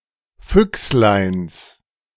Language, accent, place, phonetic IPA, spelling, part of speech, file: German, Germany, Berlin, [ˈfʏkslaɪ̯ns], Füchsleins, noun, De-Füchsleins.ogg
- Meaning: genitive singular of Füchslein